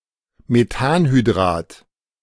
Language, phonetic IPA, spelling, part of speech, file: German, [meˈtaːnhyˌdʁaːt], Methanhydrat, noun, De-Methanhydrat.ogg
- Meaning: methane hydrate